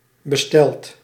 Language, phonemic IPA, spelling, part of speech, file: Dutch, /bəˈstɛlt/, besteld, verb, Nl-besteld.ogg
- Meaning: past participle of bestellen